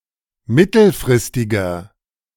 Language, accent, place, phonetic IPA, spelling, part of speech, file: German, Germany, Berlin, [ˈmɪtl̩fʁɪstɪɡɐ], mittelfristiger, adjective, De-mittelfristiger.ogg
- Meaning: inflection of mittelfristig: 1. strong/mixed nominative masculine singular 2. strong genitive/dative feminine singular 3. strong genitive plural